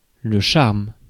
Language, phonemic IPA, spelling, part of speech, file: French, /ʃaʁm/, charme, noun / verb, Fr-charme.ogg
- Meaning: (noun) 1. charm, attractive quality 2. enchantment; originally, magical incantation 3. glamour (alluring beauty or charm, often with sex appeal)